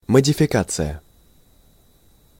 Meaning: modification
- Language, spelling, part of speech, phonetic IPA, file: Russian, модификация, noun, [mədʲɪfʲɪˈkat͡sɨjə], Ru-модификация.ogg